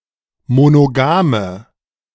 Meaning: inflection of monogam: 1. strong/mixed nominative/accusative feminine singular 2. strong nominative/accusative plural 3. weak nominative all-gender singular 4. weak accusative feminine/neuter singular
- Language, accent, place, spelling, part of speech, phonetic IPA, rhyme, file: German, Germany, Berlin, monogame, adjective, [monoˈɡaːmə], -aːmə, De-monogame.ogg